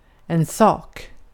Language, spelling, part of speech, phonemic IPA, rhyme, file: Swedish, sak, noun, /sɑːk/, -ɑːk, Sv-sak.ogg
- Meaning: 1. a thing (concrete or abstract – also of events, like in English) 2. a thing, a matter, a business (at hand (to be dealt with)) 3. a legal dispute, a matter 4. thing (salient fact)